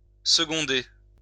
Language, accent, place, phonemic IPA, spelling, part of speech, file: French, France, Lyon, /sə.ɡɔ̃.de/, seconder, verb, LL-Q150 (fra)-seconder.wav
- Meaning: 1. to assist 2. to help, ease